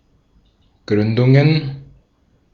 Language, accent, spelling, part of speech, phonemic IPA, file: German, Austria, Gründungen, noun, /ˈɡʁʏndʊŋən/, De-at-Gründungen.ogg
- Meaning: plural of Gründung